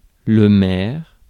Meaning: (noun) mayor; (adjective) alternative form of maigre
- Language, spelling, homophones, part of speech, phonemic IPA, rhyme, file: French, maire, maires / mer / mère / mères / mers, noun / adjective, /mɛʁ/, -ɛʁ, Fr-maire.ogg